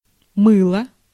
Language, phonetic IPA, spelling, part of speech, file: Russian, [ˈmɨɫə], мыло, noun / verb, Ru-мыло.ogg
- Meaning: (noun) 1. soap 2. lather 3. e-mail (by phono-semantic matching with English mail); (verb) neuter singular past indicative imperfective of мыть (mytʹ)